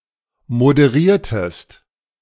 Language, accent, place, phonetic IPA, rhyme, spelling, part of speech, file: German, Germany, Berlin, [modəˈʁiːɐ̯təst], -iːɐ̯təst, moderiertest, verb, De-moderiertest.ogg
- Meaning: inflection of moderieren: 1. second-person singular preterite 2. second-person singular subjunctive II